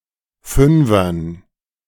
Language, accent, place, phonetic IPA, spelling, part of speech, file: German, Germany, Berlin, [ˈfʏnfɐn], Fünfern, noun, De-Fünfern.ogg
- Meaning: dative plural of Fünfer